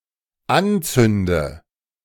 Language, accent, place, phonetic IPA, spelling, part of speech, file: German, Germany, Berlin, [ˈanˌt͡sʏndə], anzünde, verb, De-anzünde.ogg
- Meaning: inflection of anzünden: 1. first-person singular dependent present 2. first/third-person singular dependent subjunctive I